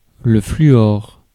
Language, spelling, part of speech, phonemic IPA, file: French, fluor, noun, /fly.ɔʁ/, Fr-fluor.ogg
- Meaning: fluorine (chemical element)